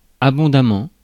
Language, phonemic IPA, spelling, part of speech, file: French, /a.bɔ̃.da.mɑ̃/, abondamment, adverb, Fr-abondamment.ogg
- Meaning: abundantly, copiously